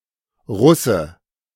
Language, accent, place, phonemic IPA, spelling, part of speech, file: German, Germany, Berlin, /ˈʁʊsə/, Russe, noun, De-Russe.ogg
- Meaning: Russian (person)